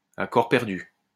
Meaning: heart and soul, headlong, wholeheartedly
- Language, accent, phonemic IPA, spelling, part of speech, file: French, France, /a kɔʁ pɛʁ.dy/, à corps perdu, adverb, LL-Q150 (fra)-à corps perdu.wav